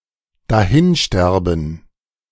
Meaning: to die
- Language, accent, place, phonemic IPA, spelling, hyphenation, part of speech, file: German, Germany, Berlin, /daˈhɪnˌʃtɛʁbən/, dahinsterben, da‧hin‧ster‧ben, verb, De-dahinsterben.ogg